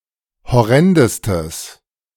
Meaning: strong/mixed nominative/accusative neuter singular superlative degree of horrend
- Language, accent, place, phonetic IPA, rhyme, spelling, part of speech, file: German, Germany, Berlin, [hɔˈʁɛndəstəs], -ɛndəstəs, horrendestes, adjective, De-horrendestes.ogg